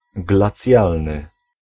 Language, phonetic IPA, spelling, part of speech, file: Polish, [ɡlaˈt͡sʲjalnɨ], glacjalny, adjective, Pl-glacjalny.ogg